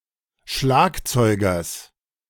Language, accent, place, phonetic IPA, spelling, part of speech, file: German, Germany, Berlin, [ˈʃlaːkt͡sɔɪ̯ɡɐs], Schlagzeugers, noun, De-Schlagzeugers.ogg
- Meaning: genitive singular of Schlagzeuger